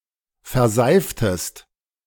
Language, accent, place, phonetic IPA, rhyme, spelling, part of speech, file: German, Germany, Berlin, [fɛɐ̯ˈzaɪ̯ftəst], -aɪ̯ftəst, verseiftest, verb, De-verseiftest.ogg
- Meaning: inflection of verseifen: 1. second-person singular preterite 2. second-person singular subjunctive II